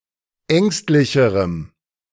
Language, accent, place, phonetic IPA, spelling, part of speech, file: German, Germany, Berlin, [ˈɛŋstlɪçəʁəm], ängstlicherem, adjective, De-ängstlicherem.ogg
- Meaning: strong dative masculine/neuter singular comparative degree of ängstlich